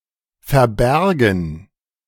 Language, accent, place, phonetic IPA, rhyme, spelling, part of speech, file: German, Germany, Berlin, [fɛɐ̯ˈbɛʁɡn̩], -ɛʁɡn̩, verbärgen, verb, De-verbärgen.ogg
- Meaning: first/third-person plural subjunctive II of verbergen